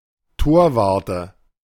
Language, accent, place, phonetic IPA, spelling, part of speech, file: German, Germany, Berlin, [ˈtoːɐ̯ˌvaʁtə], Torwarte, noun, De-Torwarte.ogg
- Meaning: nominative/accusative/genitive plural of Torwart